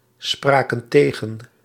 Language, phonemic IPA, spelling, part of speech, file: Dutch, /ˈsprakə(n) ˈteɣə(n)/, spraken tegen, verb, Nl-spraken tegen.ogg
- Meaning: inflection of tegenspreken: 1. plural past indicative 2. plural past subjunctive